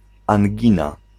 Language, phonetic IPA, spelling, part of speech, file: Polish, [ãŋʲˈɟĩna], angina, noun, Pl-angina.ogg